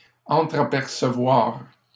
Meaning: to glimpse; to catch a glimpse (of)
- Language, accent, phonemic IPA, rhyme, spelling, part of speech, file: French, Canada, /ɑ̃.tʁa.pɛʁ.sə.vwaʁ/, -waʁ, entrapercevoir, verb, LL-Q150 (fra)-entrapercevoir.wav